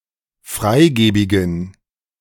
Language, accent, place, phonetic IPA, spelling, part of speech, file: German, Germany, Berlin, [ˈfʁaɪ̯ˌɡeːbɪɡn̩], freigebigen, adjective, De-freigebigen.ogg
- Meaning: inflection of freigebig: 1. strong genitive masculine/neuter singular 2. weak/mixed genitive/dative all-gender singular 3. strong/weak/mixed accusative masculine singular 4. strong dative plural